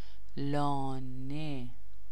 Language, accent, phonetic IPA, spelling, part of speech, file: Persian, Iran, [lɒː.né], لانه, noun, Fa-لانه.ogg
- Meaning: home for animals: 1. lair; den (for mammals) 2. nest (for birds) 3. house, bed (for pets) 4. lair, den (usually of criminal activity)